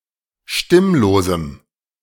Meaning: strong dative masculine/neuter singular of stimmlos
- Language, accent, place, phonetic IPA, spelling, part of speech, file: German, Germany, Berlin, [ˈʃtɪmloːzm̩], stimmlosem, adjective, De-stimmlosem.ogg